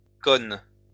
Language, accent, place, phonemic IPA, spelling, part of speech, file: French, France, Lyon, /kɔn/, connes, noun, LL-Q150 (fra)-connes.wav
- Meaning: plural of conne